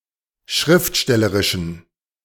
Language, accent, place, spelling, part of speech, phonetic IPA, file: German, Germany, Berlin, schriftstellerischen, adjective, [ˈʃʁɪftˌʃtɛləʁɪʃn̩], De-schriftstellerischen.ogg
- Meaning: inflection of schriftstellerisch: 1. strong genitive masculine/neuter singular 2. weak/mixed genitive/dative all-gender singular 3. strong/weak/mixed accusative masculine singular